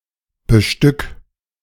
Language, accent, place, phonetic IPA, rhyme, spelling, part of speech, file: German, Germany, Berlin, [bəˈʃtʏk], -ʏk, bestück, verb, De-bestück.ogg
- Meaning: 1. singular imperative of bestücken 2. first-person singular present of bestücken